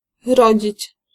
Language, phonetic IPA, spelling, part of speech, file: Polish, [ˈrɔd͡ʑit͡ɕ], rodzić, verb, Pl-rodzić.ogg